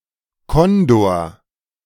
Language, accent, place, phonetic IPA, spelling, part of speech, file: German, Germany, Berlin, [ˈkɔndoːɐ̯], Kondor, noun, De-Kondor.ogg
- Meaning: condor